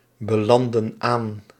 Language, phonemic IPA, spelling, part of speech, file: Dutch, /bəˈlɑndə(n) ˈan/, belanden aan, verb, Nl-belanden aan.ogg
- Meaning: inflection of aanbelanden: 1. plural present indicative 2. plural present subjunctive